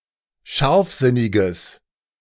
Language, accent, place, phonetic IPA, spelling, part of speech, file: German, Germany, Berlin, [ˈʃaʁfˌzɪnɪɡəs], scharfsinniges, adjective, De-scharfsinniges.ogg
- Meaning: strong/mixed nominative/accusative neuter singular of scharfsinnig